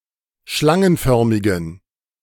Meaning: inflection of schlangenförmig: 1. strong genitive masculine/neuter singular 2. weak/mixed genitive/dative all-gender singular 3. strong/weak/mixed accusative masculine singular 4. strong dative plural
- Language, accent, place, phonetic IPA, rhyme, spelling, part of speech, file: German, Germany, Berlin, [ˈʃlaŋənˌfœʁmɪɡn̩], -aŋənfœʁmɪɡn̩, schlangenförmigen, adjective, De-schlangenförmigen.ogg